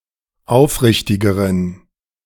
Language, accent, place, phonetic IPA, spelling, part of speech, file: German, Germany, Berlin, [ˈaʊ̯fˌʁɪçtɪɡəʁən], aufrichtigeren, adjective, De-aufrichtigeren.ogg
- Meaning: inflection of aufrichtig: 1. strong genitive masculine/neuter singular comparative degree 2. weak/mixed genitive/dative all-gender singular comparative degree